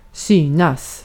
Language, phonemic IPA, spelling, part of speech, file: Swedish, /ˈsyːˌnas/, synas, verb, Sv-synas.ogg
- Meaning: 1. to be visible 2. have as appearance; to appear, to seem 3. to meet each other (by happenstance) 4. passive infinitive of syna 5. present passive of syna